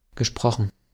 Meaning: past participle of sprechen
- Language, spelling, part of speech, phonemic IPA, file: German, gesprochen, verb, /ɡəˈʃpʁɔxn̩/, De-gesprochen.ogg